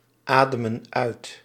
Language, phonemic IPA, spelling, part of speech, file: Dutch, /ˈadəmə(n) ˈœyt/, ademen uit, verb, Nl-ademen uit.ogg
- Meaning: inflection of uitademen: 1. plural present indicative 2. plural present subjunctive